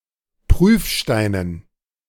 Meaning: dative plural of Prüfstein
- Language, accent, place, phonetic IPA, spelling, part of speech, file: German, Germany, Berlin, [ˈpʁyːfˌʃtaɪ̯nən], Prüfsteinen, noun, De-Prüfsteinen.ogg